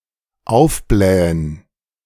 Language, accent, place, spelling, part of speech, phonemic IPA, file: German, Germany, Berlin, aufblähen, verb, /ˈaʊ̯fˌblɛːən/, De-aufblähen.ogg
- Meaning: 1. to inflate; to puff up; to balloon 2. to be inflated, puffed up, ballooned 3. to boast; to strut